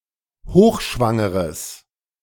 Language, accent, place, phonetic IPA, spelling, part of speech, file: German, Germany, Berlin, [ˈhoːxˌʃvaŋəʁəs], hochschwangeres, adjective, De-hochschwangeres.ogg
- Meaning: strong/mixed nominative/accusative neuter singular of hochschwanger